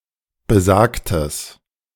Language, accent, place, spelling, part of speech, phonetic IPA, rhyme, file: German, Germany, Berlin, besagtes, adjective, [bəˈzaːktəs], -aːktəs, De-besagtes.ogg
- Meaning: strong/mixed nominative/accusative neuter singular of besagt